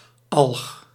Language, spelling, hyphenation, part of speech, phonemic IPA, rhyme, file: Dutch, alg, alg, noun, /ɑlx/, -ɑlx, Nl-alg.ogg
- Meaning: alga